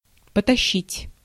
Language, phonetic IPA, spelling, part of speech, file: Russian, [pətɐˈɕːitʲ], потащить, verb, Ru-потащить.ogg
- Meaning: 1. to start pulling 2. to start carrying (unwillingly or something heavy) 3. to start stealing